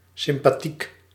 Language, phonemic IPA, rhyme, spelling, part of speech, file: Dutch, /sɪm.paːˈtik/, -ik, sympathiek, adjective, Nl-sympathiek.ogg
- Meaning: sympathetic, nice, kind, friendly, likeable